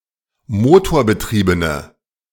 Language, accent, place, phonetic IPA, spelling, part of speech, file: German, Germany, Berlin, [ˈmoːtoːɐ̯bəˌtʁiːbənə], motorbetriebene, adjective, De-motorbetriebene.ogg
- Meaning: inflection of motorbetrieben: 1. strong/mixed nominative/accusative feminine singular 2. strong nominative/accusative plural 3. weak nominative all-gender singular